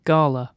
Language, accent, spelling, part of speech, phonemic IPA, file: English, UK, gala, adjective / noun, /ˈɡɑːlə/, En-uk-gala.ogg
- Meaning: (adjective) Celebratory; festive; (noun) 1. Pomp, show, or festivity 2. A competition 3. A showy and festive party 4. A red-skinned variety of eating apple